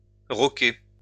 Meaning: to rock (play or enjoy rock music)
- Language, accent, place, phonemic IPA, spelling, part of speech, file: French, France, Lyon, /ʁɔ.ke/, rocker, verb, LL-Q150 (fra)-rocker.wav